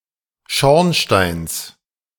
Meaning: genitive singular of Schornstein
- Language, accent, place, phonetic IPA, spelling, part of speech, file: German, Germany, Berlin, [ˈʃɔʁnˌʃtaɪ̯ns], Schornsteins, noun, De-Schornsteins.ogg